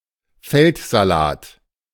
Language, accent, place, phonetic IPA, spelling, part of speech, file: German, Germany, Berlin, [ˈfɛltzaˌlaːt], Feldsalat, noun, De-Feldsalat.ogg
- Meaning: corn salad, Valerianella locusta or any member of the Valerianella genus